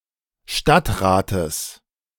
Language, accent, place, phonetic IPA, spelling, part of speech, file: German, Germany, Berlin, [ˈʃtatʁaːtəs], Stadtrates, noun, De-Stadtrates.ogg
- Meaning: genitive singular of Stadtrat